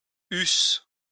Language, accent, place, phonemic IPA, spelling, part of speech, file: French, France, Lyon, /ys/, eusses, verb, LL-Q150 (fra)-eusses.wav
- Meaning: second-person singular imperfect subjunctive of avoir